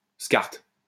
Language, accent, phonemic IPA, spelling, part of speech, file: French, France, /skaʁt/, SCART, proper noun, LL-Q150 (fra)-SCART.wav
- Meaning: acronym of Syndicat des Constructeurs d'Appareils Radiorécepteurs et Téléviseurs; French-originated standard and associated connector for electronic equipment